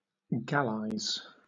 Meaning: To add sugar and water to (unfermented grape juice) so as to increase the quantity of wine produced
- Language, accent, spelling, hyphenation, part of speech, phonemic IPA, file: English, Southern England, gallize, gall‧ize, verb, /ˈɡælaɪz/, LL-Q1860 (eng)-gallize.wav